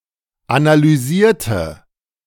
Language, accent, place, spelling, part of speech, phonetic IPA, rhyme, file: German, Germany, Berlin, analysierte, adjective / verb, [analyˈziːɐ̯tə], -iːɐ̯tə, De-analysierte.ogg
- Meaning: inflection of analysieren: 1. first/third-person singular preterite 2. first/third-person singular subjunctive II